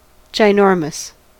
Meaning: Very large
- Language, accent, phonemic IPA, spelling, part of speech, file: English, US, /dʒaɪˈnɔɹməs/, ginormous, adjective, En-us-ginormous.ogg